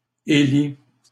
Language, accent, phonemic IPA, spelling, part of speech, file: French, Canada, /e.li/, élit, verb, LL-Q150 (fra)-élit.wav
- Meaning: 1. third-person singular present indicative of élire 2. past participle of élire (displaced by élu; survives in élite)